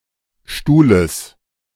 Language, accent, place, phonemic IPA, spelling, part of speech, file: German, Germany, Berlin, /ˈʃtuːləs/, Stuhles, noun, De-Stuhles.ogg
- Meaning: genitive singular of Stuhl